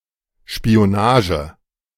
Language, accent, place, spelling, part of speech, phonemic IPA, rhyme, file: German, Germany, Berlin, Spionage, noun, /ʃpi.oˈnaːʒə/, -aːʒə, De-Spionage.ogg
- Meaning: espionage